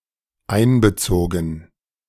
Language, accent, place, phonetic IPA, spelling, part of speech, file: German, Germany, Berlin, [ˈaɪ̯nbəˌt͡soːɡn̩], einbezogen, verb, De-einbezogen.ogg
- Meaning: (verb) past participle of einbeziehen; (adjective) included